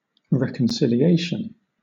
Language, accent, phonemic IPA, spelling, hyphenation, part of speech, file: English, Southern England, /ˌɹɛk(ə)nsɪlɪˈeɪʃ(ə)n/, reconciliation, re‧con‧ci‧li‧at‧ion, noun, LL-Q1860 (eng)-reconciliation.wav
- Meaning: The re-establishment of friendly relations; conciliation, rapprochement